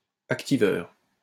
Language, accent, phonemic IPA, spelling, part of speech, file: French, France, /ak.ti.vœʁ/, activeur, noun, LL-Q150 (fra)-activeur.wav
- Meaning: activator